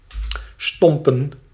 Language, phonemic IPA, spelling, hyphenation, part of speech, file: Dutch, /ˈstɔm.pə(n)/, stompen, stom‧pen, verb / noun, Nl-stompen.ogg
- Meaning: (verb) 1. to pommel with one's fist(s), to punch 2. to blunt, to dull; to mutilate or become mutilated; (noun) plural of stomp